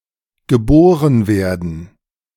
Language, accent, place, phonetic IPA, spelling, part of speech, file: German, Germany, Berlin, [ɡəˈboːʁən ˈveːɐ̯dn̩], geboren werden, verb, De-geboren werden.ogg
- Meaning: to be born